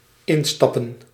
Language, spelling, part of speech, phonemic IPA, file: Dutch, instappen, verb / noun, /ˈɪnstɑpə(n)/, Nl-instappen.ogg
- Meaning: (verb) to get in; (noun) plural of instap